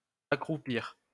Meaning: 1. to crouch, squat 2. to debase oneself (morally) 3. to make someone or something crouch or squat
- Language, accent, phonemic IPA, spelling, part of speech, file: French, France, /a.kʁu.piʁ/, accroupir, verb, LL-Q150 (fra)-accroupir.wav